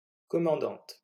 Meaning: female equivalent of commandant
- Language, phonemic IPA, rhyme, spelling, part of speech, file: French, /kɔ.mɑ̃.dɑ̃t/, -ɑ̃t, commandante, noun, LL-Q150 (fra)-commandante.wav